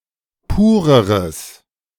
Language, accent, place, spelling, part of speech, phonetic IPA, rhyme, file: German, Germany, Berlin, pureres, adjective, [ˈpuːʁəʁəs], -uːʁəʁəs, De-pureres.ogg
- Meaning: strong/mixed nominative/accusative neuter singular comparative degree of pur